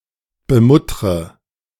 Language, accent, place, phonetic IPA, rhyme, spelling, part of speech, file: German, Germany, Berlin, [bəˈmʊtʁə], -ʊtʁə, bemuttre, verb, De-bemuttre.ogg
- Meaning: inflection of bemuttern: 1. first-person singular present 2. first/third-person singular subjunctive I 3. singular imperative